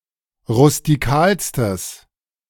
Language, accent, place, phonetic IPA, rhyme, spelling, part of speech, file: German, Germany, Berlin, [ʁʊstiˈkaːlstəs], -aːlstəs, rustikalstes, adjective, De-rustikalstes.ogg
- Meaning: strong/mixed nominative/accusative neuter singular superlative degree of rustikal